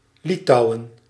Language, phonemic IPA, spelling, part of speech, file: Dutch, /ˈlitɑu̯ə(n)/, Litouwen, proper noun, Nl-Litouwen.ogg
- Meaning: Lithuania (a country in northeastern Europe)